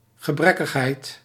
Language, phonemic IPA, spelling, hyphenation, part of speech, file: Dutch, /ɣəˈbrɛ.kəxˌɦɛi̯t/, gebrekkigheid, ge‧brek‧kig‧heid, noun, Nl-gebrekkigheid.ogg
- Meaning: 1. defectiveness 2. infirmity